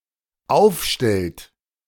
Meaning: inflection of aufstellen: 1. third-person singular dependent present 2. second-person plural dependent present
- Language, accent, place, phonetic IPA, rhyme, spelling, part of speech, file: German, Germany, Berlin, [ˈaʊ̯fˌʃtɛlt], -aʊ̯fʃtɛlt, aufstellt, verb, De-aufstellt.ogg